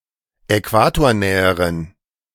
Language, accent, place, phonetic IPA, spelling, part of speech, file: German, Germany, Berlin, [ɛˈkvaːtoːɐ̯ˌnɛːəʁən], äquatornäheren, adjective, De-äquatornäheren.ogg
- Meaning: inflection of äquatornah: 1. strong genitive masculine/neuter singular comparative degree 2. weak/mixed genitive/dative all-gender singular comparative degree